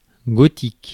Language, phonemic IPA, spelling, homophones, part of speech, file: French, /ɡɔ.tik/, gothique, gotique, noun / adjective, Fr-gothique.ogg
- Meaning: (noun) 1. Gothic language 2. Gothic script 3. Gothic architecture; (adjective) Gothic